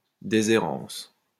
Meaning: escheat
- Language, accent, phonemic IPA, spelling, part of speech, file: French, France, /de.ze.ʁɑ̃s/, déshérence, noun, LL-Q150 (fra)-déshérence.wav